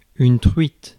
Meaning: trout
- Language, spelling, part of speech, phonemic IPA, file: French, truite, noun, /tʁɥit/, Fr-truite.ogg